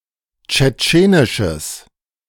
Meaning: strong/mixed nominative/accusative neuter singular of tschetschenisch
- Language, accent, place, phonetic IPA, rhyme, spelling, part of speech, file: German, Germany, Berlin, [t͡ʃɛˈt͡ʃeːnɪʃəs], -eːnɪʃəs, tschetschenisches, adjective, De-tschetschenisches.ogg